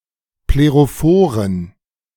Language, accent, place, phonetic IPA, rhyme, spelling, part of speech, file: German, Germany, Berlin, [pleʁoˈfoːʁən], -oːʁən, plerophoren, adjective, De-plerophoren.ogg
- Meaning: inflection of plerophor: 1. strong genitive masculine/neuter singular 2. weak/mixed genitive/dative all-gender singular 3. strong/weak/mixed accusative masculine singular 4. strong dative plural